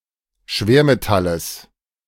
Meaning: genitive singular of Schwermetall
- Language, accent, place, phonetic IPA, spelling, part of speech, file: German, Germany, Berlin, [ˈʃveːɐ̯meˌtaləs], Schwermetalles, noun, De-Schwermetalles.ogg